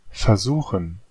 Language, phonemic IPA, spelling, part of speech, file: German, /fɛɐ̯ˈzuːxən/, versuchen, verb, De-versuchen.ogg
- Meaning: 1. to try, to attempt (often with an uncertain result) 2. to try, to taste 3. to tempt 4. to dabble in, to experiment with (often with an uncertain result) 5. to examine